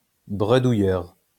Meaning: 1. stammerer 2. mumbler
- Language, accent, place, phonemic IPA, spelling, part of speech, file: French, France, Lyon, /bʁə.du.jœʁ/, bredouilleur, noun, LL-Q150 (fra)-bredouilleur.wav